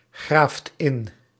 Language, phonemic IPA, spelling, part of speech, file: Dutch, /ˈɣraft ˈɪn/, graaft in, verb, Nl-graaft in.ogg
- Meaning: inflection of ingraven: 1. second/third-person singular present indicative 2. plural imperative